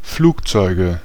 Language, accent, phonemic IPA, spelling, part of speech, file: German, Germany, /ˈfluːkˌtsɔɪ̯ɡə/, Flugzeuge, noun, De-Flugzeuge.ogg
- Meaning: nominative/accusative/genitive plural of Flugzeug